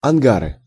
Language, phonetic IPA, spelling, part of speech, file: Russian, [ɐnˈɡarɨ], ангары, noun, Ru-ангары.ogg
- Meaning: nominative/accusative plural of анга́р (angár)